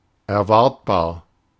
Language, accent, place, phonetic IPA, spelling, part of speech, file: German, Germany, Berlin, [ɛɐ̯ˈvaʁtbaːɐ̯], erwartbar, adjective, De-erwartbar.ogg
- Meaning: predictable, foreseeable